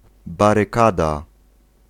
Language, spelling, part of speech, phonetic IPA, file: Polish, barykada, noun, [ˌbarɨˈkada], Pl-barykada.ogg